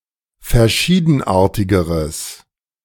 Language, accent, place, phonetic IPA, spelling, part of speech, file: German, Germany, Berlin, [fɛɐ̯ˈʃiːdn̩ˌʔaːɐ̯tɪɡəʁəs], verschiedenartigeres, adjective, De-verschiedenartigeres.ogg
- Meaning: strong/mixed nominative/accusative neuter singular comparative degree of verschiedenartig